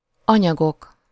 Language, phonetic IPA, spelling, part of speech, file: Hungarian, [ˈɒɲɒɡok], anyagok, noun, Hu-anyagok.ogg
- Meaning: nominative plural of anyag